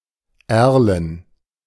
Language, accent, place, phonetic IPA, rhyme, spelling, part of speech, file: German, Germany, Berlin, [ˈɛʁlən], -ɛʁlən, Erlen, proper noun / noun, De-Erlen.ogg
- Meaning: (proper noun) a municipality of Thurgovia canton, Switzerland; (noun) plural of Erle